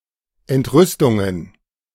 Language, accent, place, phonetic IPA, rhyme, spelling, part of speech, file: German, Germany, Berlin, [ɛntˈʁʏstʊŋən], -ʏstʊŋən, Entrüstungen, noun, De-Entrüstungen.ogg
- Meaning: plural of Entrüstung